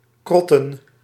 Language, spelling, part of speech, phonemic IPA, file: Dutch, krotten, noun, /ˈkrɔtə(n)/, Nl-krotten.ogg
- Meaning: plural of krot